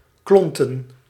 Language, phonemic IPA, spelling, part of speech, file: Dutch, /ˈklɔntə(n)/, klonten, noun / verb, Nl-klonten.ogg
- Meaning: plural of klont